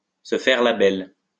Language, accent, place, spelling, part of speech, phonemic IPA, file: French, France, Lyon, se faire la belle, verb, /sə fɛʁ la bɛl/, LL-Q150 (fra)-se faire la belle.wav
- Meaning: to do a bunk, to take French leave, to skip town